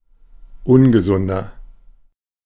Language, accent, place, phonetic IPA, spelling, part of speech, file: German, Germany, Berlin, [ˈʊnɡəˌzʊndɐ], ungesunder, adjective, De-ungesunder.ogg
- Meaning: 1. comparative degree of ungesund 2. inflection of ungesund: strong/mixed nominative masculine singular 3. inflection of ungesund: strong genitive/dative feminine singular